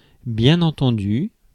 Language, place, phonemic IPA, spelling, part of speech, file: French, Paris, /bjɛ̃.n‿ɑ̃.tɑ̃.dy/, bien entendu, adverb, Fr-bien-entendu.ogg
- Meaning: 1. well understood 2. of course, obviously